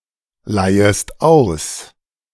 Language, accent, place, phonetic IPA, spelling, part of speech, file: German, Germany, Berlin, [ˌlaɪ̯əst ˈaʊ̯s], leihest aus, verb, De-leihest aus.ogg
- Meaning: second-person singular subjunctive I of ausleihen